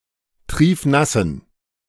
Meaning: inflection of triefnass: 1. strong genitive masculine/neuter singular 2. weak/mixed genitive/dative all-gender singular 3. strong/weak/mixed accusative masculine singular 4. strong dative plural
- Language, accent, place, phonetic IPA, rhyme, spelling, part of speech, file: German, Germany, Berlin, [ˈtʁiːfˈnasn̩], -asn̩, triefnassen, adjective, De-triefnassen.ogg